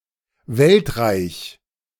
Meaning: world-empire; an empire comprising a great portion of the known world
- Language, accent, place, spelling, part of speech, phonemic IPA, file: German, Germany, Berlin, Weltreich, noun, /ˈvɛltʁaɪç/, De-Weltreich.ogg